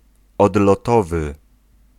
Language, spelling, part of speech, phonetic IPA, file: Polish, odlotowy, adjective, [ˌɔdlɔˈtɔvɨ], Pl-odlotowy.ogg